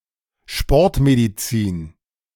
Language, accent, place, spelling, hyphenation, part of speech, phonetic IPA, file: German, Germany, Berlin, Sportmedizin, Sport‧me‧di‧zin, noun, [ʃpoʁtmeditsiːn], De-Sportmedizin.ogg
- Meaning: sports medicine